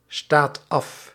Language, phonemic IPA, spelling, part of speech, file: Dutch, /ˈstat ˈɑf/, staat af, verb, Nl-staat af.ogg
- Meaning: inflection of afstaan: 1. second/third-person singular present indicative 2. plural imperative